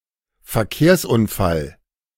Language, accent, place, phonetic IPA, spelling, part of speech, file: German, Germany, Berlin, [fɛɐ̯ˈkeːɐ̯sʔʊnˌfal], Verkehrsunfall, noun, De-Verkehrsunfall.ogg
- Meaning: traffic accident